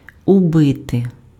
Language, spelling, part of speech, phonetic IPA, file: Ukrainian, убити, verb, [ʊˈbɪte], Uk-убити.ogg
- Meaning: 1. to kill, to murder 2. to kill, to destroy, to extinguish (e.g., hope, desire, time) 3. alternative form of вби́ти pf (vbýty, “to beat in, to drive in, to hammer in, to stick in”)